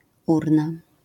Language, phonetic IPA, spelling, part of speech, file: Polish, [ˈurna], urna, noun, LL-Q809 (pol)-urna.wav